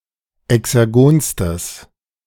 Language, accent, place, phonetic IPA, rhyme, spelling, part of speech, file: German, Germany, Berlin, [ɛksɛʁˈɡoːnstəs], -oːnstəs, exergonstes, adjective, De-exergonstes.ogg
- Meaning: strong/mixed nominative/accusative neuter singular superlative degree of exergon